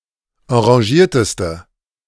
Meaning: inflection of enragiert: 1. strong/mixed nominative/accusative feminine singular superlative degree 2. strong nominative/accusative plural superlative degree
- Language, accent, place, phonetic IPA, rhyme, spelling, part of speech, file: German, Germany, Berlin, [ɑ̃ʁaˈʒiːɐ̯təstə], -iːɐ̯təstə, enragierteste, adjective, De-enragierteste.ogg